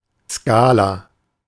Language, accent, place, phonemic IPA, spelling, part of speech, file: German, Germany, Berlin, /ˈskaːla/, Skala, noun, De-Skala.ogg
- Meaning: 1. scale, gamut (ordered numerical sequence) 2. gamut